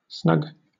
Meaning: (adjective) 1. Warm and comfortable; cosy 2. Satisfactory 3. Close-fitting 4. Close; concealed; not exposed to notice; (noun) 1. A small, comfortable back room in a pub 2. A lug
- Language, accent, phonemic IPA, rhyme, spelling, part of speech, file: English, Southern England, /snʌɡ/, -ʌɡ, snug, adjective / noun / verb, LL-Q1860 (eng)-snug.wav